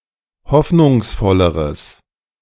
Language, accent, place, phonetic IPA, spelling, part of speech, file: German, Germany, Berlin, [ˈhɔfnʊŋsˌfɔləʁəs], hoffnungsvolleres, adjective, De-hoffnungsvolleres.ogg
- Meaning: strong/mixed nominative/accusative neuter singular comparative degree of hoffnungsvoll